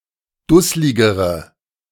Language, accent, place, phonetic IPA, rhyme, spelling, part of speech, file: German, Germany, Berlin, [ˈdʊslɪɡəʁə], -ʊslɪɡəʁə, dussligere, adjective, De-dussligere.ogg
- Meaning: inflection of dusslig: 1. strong/mixed nominative/accusative feminine singular comparative degree 2. strong nominative/accusative plural comparative degree